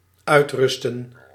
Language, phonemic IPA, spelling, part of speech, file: Dutch, /ˈœy̯trʏstə(n)/, uitrusten, verb, Nl-uitrusten.ogg
- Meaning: 1. to rest 2. to equip